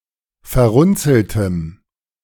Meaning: strong dative masculine/neuter singular of verrunzelt
- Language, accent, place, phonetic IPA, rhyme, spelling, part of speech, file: German, Germany, Berlin, [fɛɐ̯ˈʁʊnt͡sl̩təm], -ʊnt͡sl̩təm, verrunzeltem, adjective, De-verrunzeltem.ogg